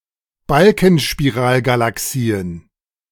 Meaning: plural of Balkenspiralgalaxie
- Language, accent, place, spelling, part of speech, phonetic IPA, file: German, Germany, Berlin, Balkenspiralgalaxien, noun, [balkn̩ʃpiˈʁaːlɡalaˌksiːən], De-Balkenspiralgalaxien.ogg